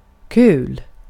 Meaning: 1. fun 2. funny 3. fun things
- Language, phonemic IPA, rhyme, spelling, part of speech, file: Swedish, /kʉːl/, -ʉːl, kul, adjective, Sv-kul.ogg